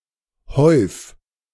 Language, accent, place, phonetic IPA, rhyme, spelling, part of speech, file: German, Germany, Berlin, [hɔɪ̯f], -ɔɪ̯f, häuf, verb, De-häuf.ogg
- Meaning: 1. singular imperative of häufen 2. first-person singular present of häufen